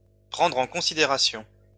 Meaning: to take into consideration, to take into account
- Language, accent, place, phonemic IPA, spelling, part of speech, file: French, France, Lyon, /pʁɑ̃dʁ ɑ̃ kɔ̃.si.de.ʁa.sjɔ̃/, prendre en considération, verb, LL-Q150 (fra)-prendre en considération.wav